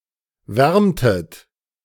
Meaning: inflection of wärmen: 1. second-person plural preterite 2. second-person plural subjunctive II
- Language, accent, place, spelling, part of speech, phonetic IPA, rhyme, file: German, Germany, Berlin, wärmtet, verb, [ˈvɛʁmtət], -ɛʁmtət, De-wärmtet.ogg